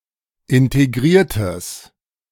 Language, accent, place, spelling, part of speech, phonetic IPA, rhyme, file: German, Germany, Berlin, integriertes, adjective, [ɪnteˈɡʁiːɐ̯təs], -iːɐ̯təs, De-integriertes.ogg
- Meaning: strong/mixed nominative/accusative neuter singular of integriert